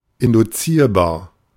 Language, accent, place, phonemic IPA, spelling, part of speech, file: German, Germany, Berlin, /ɪndʊˈtsiːɐ̯baːɐ̯/, induzierbar, adjective, De-induzierbar.ogg
- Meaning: inducible